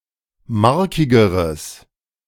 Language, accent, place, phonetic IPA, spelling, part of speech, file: German, Germany, Berlin, [ˈmaʁkɪɡəʁəs], markigeres, adjective, De-markigeres.ogg
- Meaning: strong/mixed nominative/accusative neuter singular comparative degree of markig